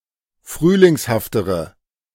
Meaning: inflection of frühlingshaft: 1. strong/mixed nominative/accusative feminine singular comparative degree 2. strong nominative/accusative plural comparative degree
- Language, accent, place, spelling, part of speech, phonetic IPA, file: German, Germany, Berlin, frühlingshaftere, adjective, [ˈfʁyːlɪŋshaftəʁə], De-frühlingshaftere.ogg